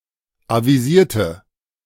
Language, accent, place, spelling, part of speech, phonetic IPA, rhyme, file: German, Germany, Berlin, avisierte, adjective / verb, [ˌaviˈziːɐ̯tə], -iːɐ̯tə, De-avisierte.ogg
- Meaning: inflection of avisieren: 1. first/third-person singular preterite 2. first/third-person singular subjunctive II